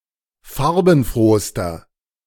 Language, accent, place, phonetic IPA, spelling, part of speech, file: German, Germany, Berlin, [ˈfaʁbn̩ˌfʁoːstɐ], farbenfrohster, adjective, De-farbenfrohster.ogg
- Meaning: inflection of farbenfroh: 1. strong/mixed nominative masculine singular superlative degree 2. strong genitive/dative feminine singular superlative degree 3. strong genitive plural superlative degree